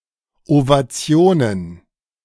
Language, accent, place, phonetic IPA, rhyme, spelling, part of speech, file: German, Germany, Berlin, [ovaˈt͡si̯oːnən], -oːnən, Ovationen, noun, De-Ovationen.ogg
- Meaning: plural of Ovation